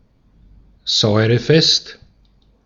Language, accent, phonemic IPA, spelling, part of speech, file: German, Austria, /ˈzɔɪ̯ʁəˌfɛst/, säurefest, adjective, De-at-säurefest.ogg
- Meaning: acid-resistant